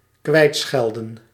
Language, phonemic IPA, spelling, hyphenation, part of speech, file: Dutch, /ˈkʋɛi̯tˌsxɛl.də(n)/, kwijtschelden, kwijt‧schel‧den, verb, Nl-kwijtschelden.ogg
- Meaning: 1. to acquit, to forgive (a debt) 2. to remit (a punishment)